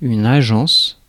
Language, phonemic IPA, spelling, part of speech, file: French, /a.ʒɑ̃s/, agence, noun, Fr-agence.ogg
- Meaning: agency